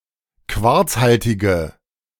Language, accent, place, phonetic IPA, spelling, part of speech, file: German, Germany, Berlin, [ˈkvaʁt͡sˌhaltɪɡə], quarzhaltige, adjective, De-quarzhaltige.ogg
- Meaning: inflection of quarzhaltig: 1. strong/mixed nominative/accusative feminine singular 2. strong nominative/accusative plural 3. weak nominative all-gender singular